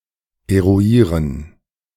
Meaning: to determine, to find out
- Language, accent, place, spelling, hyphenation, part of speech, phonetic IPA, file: German, Germany, Berlin, eruieren, eru‧ie‧ren, verb, [eʁuˈiːʁən], De-eruieren.ogg